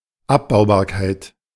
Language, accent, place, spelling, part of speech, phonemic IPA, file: German, Germany, Berlin, Abbaubarkeit, noun, /ˈapbaʊ̯baːɐ̯ˌkaɪ̯t/, De-Abbaubarkeit.ogg
- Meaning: degradability